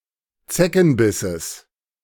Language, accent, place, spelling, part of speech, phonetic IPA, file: German, Germany, Berlin, Zeckenbisses, noun, [ˈt͡sɛkn̩ˌbɪsəs], De-Zeckenbisses.ogg
- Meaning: genitive singular of Zeckenbiss